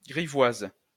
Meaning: feminine singular of grivois
- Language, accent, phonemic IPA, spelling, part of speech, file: French, France, /ɡʁi.vwaz/, grivoise, adjective, LL-Q150 (fra)-grivoise.wav